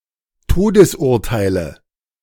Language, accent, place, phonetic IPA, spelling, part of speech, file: German, Germany, Berlin, [ˈtoːdəsˌʔʊʁtaɪ̯lə], Todesurteile, noun, De-Todesurteile.ogg
- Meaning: nominative/accusative/genitive plural of Todesurteil